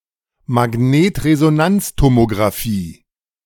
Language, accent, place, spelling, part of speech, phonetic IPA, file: German, Germany, Berlin, Magnetresonanztomographie, noun, [maˈɡneːtʁezonant͡stomoɡʁaˌfiː], De-Magnetresonanztomographie.ogg
- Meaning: magnetic resonance tomography